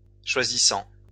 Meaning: present participle of choisir
- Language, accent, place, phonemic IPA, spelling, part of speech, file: French, France, Lyon, /ʃwa.zi.sɑ̃/, choisissant, verb, LL-Q150 (fra)-choisissant.wav